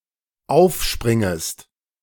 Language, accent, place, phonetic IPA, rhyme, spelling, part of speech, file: German, Germany, Berlin, [ˈaʊ̯fˌʃpʁɪŋəst], -aʊ̯fʃpʁɪŋəst, aufspringest, verb, De-aufspringest.ogg
- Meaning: second-person singular dependent subjunctive I of aufspringen